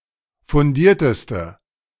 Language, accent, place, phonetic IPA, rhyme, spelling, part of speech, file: German, Germany, Berlin, [fʊnˈdiːɐ̯təstə], -iːɐ̯təstə, fundierteste, adjective, De-fundierteste.ogg
- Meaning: inflection of fundiert: 1. strong/mixed nominative/accusative feminine singular superlative degree 2. strong nominative/accusative plural superlative degree